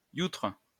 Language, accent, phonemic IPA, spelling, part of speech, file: French, France, /jutʁ/, youtre, noun / adjective, LL-Q150 (fra)-youtre.wav
- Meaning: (noun) kike; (adjective) Jewish